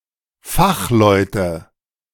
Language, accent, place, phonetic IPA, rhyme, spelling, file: German, Germany, Berlin, [ˈfaxˌlɔɪ̯tə], -axlɔɪ̯tə, Fachleute, De-Fachleute.ogg
- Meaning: nominative/accusative/genitive plural of Fachmann